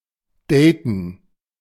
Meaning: to date
- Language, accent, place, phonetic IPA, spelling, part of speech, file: German, Germany, Berlin, [deːtn̩], daten, verb, De-daten.ogg